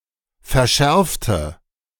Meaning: inflection of verschärfen: 1. first/third-person singular preterite 2. first/third-person singular subjunctive II
- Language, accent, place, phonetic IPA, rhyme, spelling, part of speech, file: German, Germany, Berlin, [fɛɐ̯ˈʃɛʁftə], -ɛʁftə, verschärfte, adjective / verb, De-verschärfte.ogg